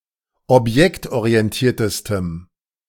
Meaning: strong dative masculine/neuter singular superlative degree of objektorientiert
- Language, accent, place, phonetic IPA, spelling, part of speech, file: German, Germany, Berlin, [ɔpˈjɛktʔoʁiɛnˌtiːɐ̯təstəm], objektorientiertestem, adjective, De-objektorientiertestem.ogg